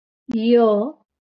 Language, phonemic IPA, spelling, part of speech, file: Marathi, /jə/, य, character, LL-Q1571 (mar)-य.wav
- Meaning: The twenty-fifth consonant in Marathi